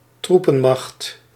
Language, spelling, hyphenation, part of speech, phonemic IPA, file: Dutch, troepenmacht, troe‧pen‧macht, noun, /ˈtru.pə(n)ˌmɑxt/, Nl-troepenmacht.ogg
- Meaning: a military force